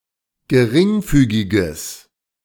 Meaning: strong/mixed nominative/accusative neuter singular of geringfügig
- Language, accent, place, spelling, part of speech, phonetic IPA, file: German, Germany, Berlin, geringfügiges, adjective, [ɡəˈʁɪŋˌfyːɡɪɡəs], De-geringfügiges.ogg